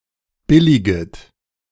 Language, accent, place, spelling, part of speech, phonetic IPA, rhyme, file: German, Germany, Berlin, billiget, verb, [ˈbɪlɪɡət], -ɪlɪɡət, De-billiget.ogg
- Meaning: second-person plural subjunctive I of billigen